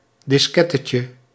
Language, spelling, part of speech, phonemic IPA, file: Dutch, diskettetje, noun, /dɪsˈkɛtəcə/, Nl-diskettetje.ogg
- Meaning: diminutive of diskette